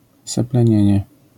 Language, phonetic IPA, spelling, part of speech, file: Polish, [ˌsɛplɛ̃ˈɲɛ̇̃ɲɛ], seplenienie, noun, LL-Q809 (pol)-seplenienie.wav